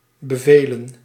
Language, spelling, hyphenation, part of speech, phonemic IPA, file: Dutch, bevelen, be‧ve‧len, verb / noun, /bəˈveːlə(n)/, Nl-bevelen.ogg
- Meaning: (verb) to order, to command; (noun) plural of bevel